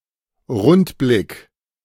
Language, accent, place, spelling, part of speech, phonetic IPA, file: German, Germany, Berlin, Rundblick, noun, [ˈʁʊntˌblɪk], De-Rundblick.ogg
- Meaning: panorama